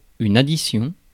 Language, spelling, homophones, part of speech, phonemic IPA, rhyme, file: French, addition, additions, noun, /a.di.sjɔ̃/, -ɔ̃, Fr-addition.ogg
- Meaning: 1. addition (operation of adding a number to another) 2. bill, check (written note of goods sold, services rendered, or work done, with the price or charge, in a bar or a restaurant)